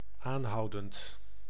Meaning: present participle of aanhouden
- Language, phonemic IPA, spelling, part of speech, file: Dutch, /anˈhɑudənt/, aanhoudend, adjective / adverb / verb, Nl-aanhoudend.ogg